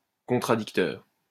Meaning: 1. opponent 2. contrarian
- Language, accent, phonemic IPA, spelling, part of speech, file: French, France, /kɔ̃.tʁa.dik.tœʁ/, contradicteur, noun, LL-Q150 (fra)-contradicteur.wav